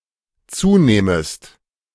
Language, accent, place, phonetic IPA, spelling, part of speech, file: German, Germany, Berlin, [ˈt͡suːˌneːməst], zunehmest, verb, De-zunehmest.ogg
- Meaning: second-person singular dependent subjunctive I of zunehmen